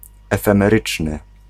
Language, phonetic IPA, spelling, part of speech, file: Polish, [ˌɛfɛ̃mɛˈrɨt͡ʃnɨ], efemeryczny, adjective, Pl-efemeryczny.ogg